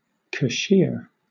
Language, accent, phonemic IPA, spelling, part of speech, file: English, Southern England, /kəˈʃɪə/, cashier, verb, LL-Q1860 (eng)-cashier.wav
- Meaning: 1. To dismiss (someone, especially military personnel) from service 2. To discard, put away 3. To annul